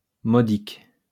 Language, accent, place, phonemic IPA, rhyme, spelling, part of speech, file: French, France, Lyon, /mɔ.dik/, -ik, modique, adjective, LL-Q150 (fra)-modique.wav
- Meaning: modest (of a price, sum of money, etc.)